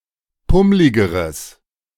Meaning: strong/mixed nominative/accusative neuter singular comparative degree of pummlig
- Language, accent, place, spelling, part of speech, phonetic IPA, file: German, Germany, Berlin, pummligeres, adjective, [ˈpʊmlɪɡəʁəs], De-pummligeres.ogg